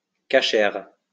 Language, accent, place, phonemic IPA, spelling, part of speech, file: French, France, Lyon, /ka.ʃɛʁ/, kascher, adjective, LL-Q150 (fra)-kascher.wav
- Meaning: kosher